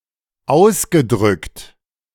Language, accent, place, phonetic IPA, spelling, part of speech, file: German, Germany, Berlin, [ˈaʊ̯sɡəˌdʁʏkt], ausgedrückt, verb, De-ausgedrückt.ogg
- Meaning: past participle of ausdrücken